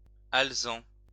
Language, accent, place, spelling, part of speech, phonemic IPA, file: French, France, Lyon, alezan, adjective / noun, /al.zɑ̃/, LL-Q150 (fra)-alezan.wav
- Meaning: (adjective) chestnut (colour of a horse); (noun) 1. chestnut (horse, its colour) 2. palomino